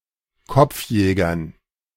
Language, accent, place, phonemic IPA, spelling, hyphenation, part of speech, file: German, Germany, Berlin, /ˈkɔp͡f̩ˌjɛːɡɐn/, Kopfjägern, Kopf‧jä‧gern, noun, De-Kopfjägern.ogg
- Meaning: dative plural of Kopfjäger